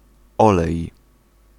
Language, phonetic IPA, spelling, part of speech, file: Polish, [ˈɔlɛj], olej, noun / verb, Pl-olej.ogg